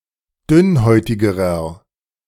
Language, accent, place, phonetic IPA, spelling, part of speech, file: German, Germany, Berlin, [ˈdʏnˌhɔɪ̯tɪɡəʁɐ], dünnhäutigerer, adjective, De-dünnhäutigerer.ogg
- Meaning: inflection of dünnhäutig: 1. strong/mixed nominative masculine singular comparative degree 2. strong genitive/dative feminine singular comparative degree 3. strong genitive plural comparative degree